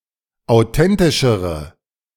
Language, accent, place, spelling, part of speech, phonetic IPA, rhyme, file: German, Germany, Berlin, authentischere, adjective, [aʊ̯ˈtɛntɪʃəʁə], -ɛntɪʃəʁə, De-authentischere.ogg
- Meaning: inflection of authentisch: 1. strong/mixed nominative/accusative feminine singular comparative degree 2. strong nominative/accusative plural comparative degree